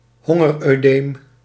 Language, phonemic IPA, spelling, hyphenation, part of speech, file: Dutch, /ˈɦɔ.ŋər.øːˌdeːm/, hongeroedeem, hon‧ger‧oe‧deem, noun, Nl-hongeroedeem.ogg
- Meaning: hunger oedema